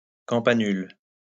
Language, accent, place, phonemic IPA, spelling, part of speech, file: French, France, Lyon, /kɑ̃.pa.nyl/, campanule, noun, LL-Q150 (fra)-campanule.wav
- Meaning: bellflower (plant of genus Campanula)